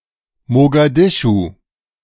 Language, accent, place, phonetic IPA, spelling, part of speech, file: German, Germany, Berlin, [moɡaˈdɪʃu], Mogadischu, proper noun, De-Mogadischu.ogg
- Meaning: Mogadishu (the capital city of Somalia)